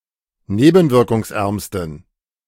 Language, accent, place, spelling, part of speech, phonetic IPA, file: German, Germany, Berlin, nebenwirkungsärmsten, adjective, [ˈneːbn̩vɪʁkʊŋsˌʔɛʁmstn̩], De-nebenwirkungsärmsten.ogg
- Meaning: superlative degree of nebenwirkungsarm